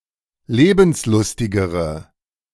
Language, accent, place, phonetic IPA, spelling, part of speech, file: German, Germany, Berlin, [ˈleːbn̩sˌlʊstɪɡəʁə], lebenslustigere, adjective, De-lebenslustigere.ogg
- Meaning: inflection of lebenslustig: 1. strong/mixed nominative/accusative feminine singular comparative degree 2. strong nominative/accusative plural comparative degree